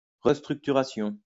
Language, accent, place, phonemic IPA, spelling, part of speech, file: French, France, Lyon, /ʁəs.tʁyk.ty.ʁa.sjɔ̃/, restructuration, noun, LL-Q150 (fra)-restructuration.wav
- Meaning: restructuring, downsizing, rightsizing